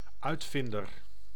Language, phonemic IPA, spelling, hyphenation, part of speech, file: Dutch, /ˈœy̯tˌfɪndər/, uitvinder, uit‧vin‧der, noun, Nl-uitvinder.ogg
- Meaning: inventor